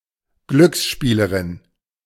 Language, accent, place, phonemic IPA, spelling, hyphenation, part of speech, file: German, Germany, Berlin, /ˈɡlʏksˌʃpiːləʁɪn/, Glücksspielerin, Glücks‧spie‧le‧rin, noun, De-Glücksspielerin.ogg
- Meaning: female gambler